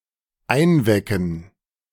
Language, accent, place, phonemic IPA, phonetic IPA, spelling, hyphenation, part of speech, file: German, Germany, Berlin, /ˈaɪ̯nˌvɛkən/, [ˈʔaɪ̯nˌvɛkŋ̍], einwecken, ein‧we‧cken, verb, De-einwecken.ogg
- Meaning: to can (to preserve by heating and sealing in a jar)